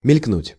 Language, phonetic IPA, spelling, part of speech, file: Russian, [mʲɪlʲkˈnutʲ], мелькнуть, verb, Ru-мелькнуть.ogg
- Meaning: 1. to flash, to gleam 2. to flit, to fly (past) 3. to loom, to turn up 4. to appear for a moment, to be glimpsed fleetingly